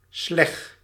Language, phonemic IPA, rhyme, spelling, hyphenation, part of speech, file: Dutch, /slɛx/, -ɛx, sleg, sleg, noun, Nl-sleg.ogg
- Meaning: wooden sledgehammer